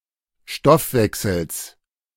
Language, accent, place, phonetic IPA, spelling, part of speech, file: German, Germany, Berlin, [ˈʃtɔfˌvɛksl̩s], Stoffwechsels, noun, De-Stoffwechsels.ogg
- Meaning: plural of Stoffwechsel